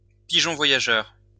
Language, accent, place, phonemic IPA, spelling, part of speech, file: French, France, Lyon, /pi.ʒɔ̃ vwa.ja.ʒœʁ/, pigeon voyageur, noun, LL-Q150 (fra)-pigeon voyageur.wav
- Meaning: homing pigeon; carrier